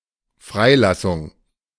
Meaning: 1. release, manumission 2. emancipation
- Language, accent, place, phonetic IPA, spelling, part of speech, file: German, Germany, Berlin, [ˈfʁaɪ̯ˌlasʊŋ], Freilassung, noun, De-Freilassung.ogg